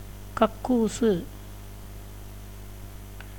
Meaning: toilet
- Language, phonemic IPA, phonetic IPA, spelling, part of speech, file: Tamil, /kɐkːuːtʃɯ/, [kɐkːuːsɯ], கக்கூசு, noun, Ta-கக்கூசு.ogg